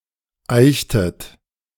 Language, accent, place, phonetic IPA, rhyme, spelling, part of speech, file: German, Germany, Berlin, [ˈaɪ̯çtət], -aɪ̯çtət, eichtet, verb, De-eichtet.ogg
- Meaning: inflection of eichen: 1. second-person plural preterite 2. second-person plural subjunctive II